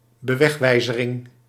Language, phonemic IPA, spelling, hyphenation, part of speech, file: Dutch, /bəˈʋɛxˌʋɛi̯.zə.rɪŋ/, bewegwijzering, be‧weg‧wij‧ze‧ring, noun, Nl-bewegwijzering.ogg
- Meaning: signage (signs collectively)